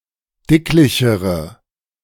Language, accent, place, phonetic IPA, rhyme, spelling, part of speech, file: German, Germany, Berlin, [ˈdɪklɪçəʁə], -ɪklɪçəʁə, dicklichere, adjective, De-dicklichere.ogg
- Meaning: inflection of dicklich: 1. strong/mixed nominative/accusative feminine singular comparative degree 2. strong nominative/accusative plural comparative degree